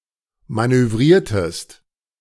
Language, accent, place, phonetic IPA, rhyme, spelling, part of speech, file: German, Germany, Berlin, [ˌmanøˈvʁiːɐ̯təst], -iːɐ̯təst, manövriertest, verb, De-manövriertest.ogg
- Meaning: inflection of manövrieren: 1. second-person singular preterite 2. second-person singular subjunctive II